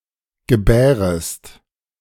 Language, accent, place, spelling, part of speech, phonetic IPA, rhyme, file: German, Germany, Berlin, gebärest, verb, [ɡəˈbɛːʁəst], -ɛːʁəst, De-gebärest.ogg
- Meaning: inflection of gebären: 1. second-person singular subjunctive I 2. second-person singular subjunctive II